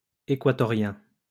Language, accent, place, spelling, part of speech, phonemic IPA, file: French, France, Lyon, équatorien, adjective, /e.kwa.tɔ.ʁjɛ̃/, LL-Q150 (fra)-équatorien.wav
- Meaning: Ecuadorian